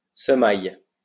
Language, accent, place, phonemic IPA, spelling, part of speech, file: French, France, Lyon, /sə.maj/, semailles, noun, LL-Q150 (fra)-semailles.wav
- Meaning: sowing